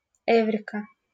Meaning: eureka!
- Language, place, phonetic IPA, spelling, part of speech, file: Russian, Saint Petersburg, [ˈɛvrʲɪkə], эврика, interjection, LL-Q7737 (rus)-эврика.wav